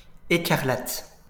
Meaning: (adjective) scarlet; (noun) scarlet (color)
- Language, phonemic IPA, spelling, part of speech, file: French, /e.kaʁ.lat/, écarlate, adjective / noun, LL-Q150 (fra)-écarlate.wav